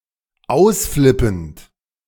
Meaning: present participle of ausflippen
- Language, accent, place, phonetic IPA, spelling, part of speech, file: German, Germany, Berlin, [ˈaʊ̯sˌflɪpn̩t], ausflippend, verb, De-ausflippend.ogg